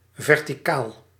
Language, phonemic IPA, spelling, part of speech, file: Dutch, /ˌvɛrtiˈkal/, verticaal, adjective / adverb, Nl-verticaal.ogg
- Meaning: vertical (perpendicular to the plane of the horizon)